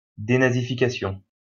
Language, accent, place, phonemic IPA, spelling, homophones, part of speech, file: French, France, Lyon, /de.na.zi.fi.ka.sjɔ̃/, dénazification, dénazifications, noun, LL-Q150 (fra)-dénazification.wav
- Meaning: denazification